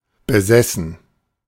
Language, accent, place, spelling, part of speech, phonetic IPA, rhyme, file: German, Germany, Berlin, besessen, verb, [bəˈzɛsn̩], -ɛsn̩, De-besessen.ogg
- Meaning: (verb) past participle of besitzen; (adjective) 1. obsessed 2. possessed